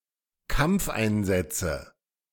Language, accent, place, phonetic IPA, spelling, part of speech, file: German, Germany, Berlin, [ˈkamp͡fʔaɪ̯nˌzɛt͡sə], Kampfeinsätze, noun, De-Kampfeinsätze.ogg
- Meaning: nominative/accusative/genitive plural of Kampfeinsatz